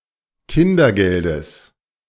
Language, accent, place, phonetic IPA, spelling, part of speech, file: German, Germany, Berlin, [ˈkɪndɐˌɡɛldəs], Kindergeldes, noun, De-Kindergeldes.ogg
- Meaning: genitive singular of Kindergeld